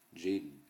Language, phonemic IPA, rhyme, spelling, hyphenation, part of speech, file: Upper Sorbian, /ˈd͡ʒɛjn/, -ɛjn, dźeń, dźeń, noun, Hsb-dźeń.ogg
- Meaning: day (period during which the Earth rotates on its own axis)